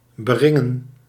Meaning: 1. to ring 2. to ring: to fully surround with a dyke 3. to force
- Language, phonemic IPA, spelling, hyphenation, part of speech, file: Dutch, /bəˈrɪŋə(n)/, beringen, be‧rin‧gen, verb, Nl-beringen.ogg